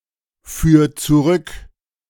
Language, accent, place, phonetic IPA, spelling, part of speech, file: German, Germany, Berlin, [ˌfyːɐ̯ t͡suˈʁʏk], führ zurück, verb, De-führ zurück.ogg
- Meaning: 1. singular imperative of zurückführen 2. first-person singular present of zurückführen